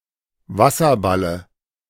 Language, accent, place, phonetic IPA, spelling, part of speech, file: German, Germany, Berlin, [ˈvasɐˌbalə], Wasserballe, noun, De-Wasserballe.ogg
- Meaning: dative of Wasserball